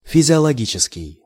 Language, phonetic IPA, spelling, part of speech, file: Russian, [fʲɪzʲɪəɫɐˈɡʲit͡ɕɪskʲɪj], физиологический, adjective, Ru-физиологический.ogg
- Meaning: 1. physiological 2. sensual, carnal (as opposed to romantic)